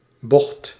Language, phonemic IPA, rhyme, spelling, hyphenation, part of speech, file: Dutch, /bɔxt/, -ɔxt, bocht, bocht, noun, Nl-bocht.ogg
- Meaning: 1. a bend, curve, inflection, something not straight 2. a twist, change 3. a bight, broad curvature of a coastline, bay 4. junk, rubbish 5. junk, booze, moonshine 6. disgusting drink, trash, rubbish